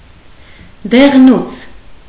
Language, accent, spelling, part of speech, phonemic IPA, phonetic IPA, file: Armenian, Eastern Armenian, դեղնուց, noun, /deʁˈnut͡sʰ/, [deʁnút͡sʰ], Hy-դեղնուց.ogg
- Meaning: yolk, egg yolk